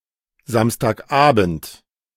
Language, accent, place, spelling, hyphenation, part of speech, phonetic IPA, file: German, Germany, Berlin, Samstagabend, Sams‧tag‧abend, noun, [ˌzamstaːkˈʔaːbn̩t], De-Samstagabend.ogg
- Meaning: Saturday evening